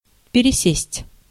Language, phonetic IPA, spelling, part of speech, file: Russian, [pʲɪrʲɪˈsʲesʲtʲ], пересесть, verb, Ru-пересесть.ogg
- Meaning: 1. to change seats, to move one's seat 2. to change (trains, buses, etc.)